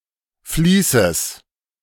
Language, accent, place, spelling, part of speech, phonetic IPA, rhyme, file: German, Germany, Berlin, Fließes, noun, [ˈfliːsəs], -iːsəs, De-Fließes.ogg
- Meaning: genitive singular of Fließ